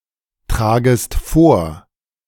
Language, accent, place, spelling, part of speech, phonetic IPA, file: German, Germany, Berlin, tragest vor, verb, [ˌtʁaːɡəst ˈfoːɐ̯], De-tragest vor.ogg
- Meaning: second-person singular subjunctive I of vortragen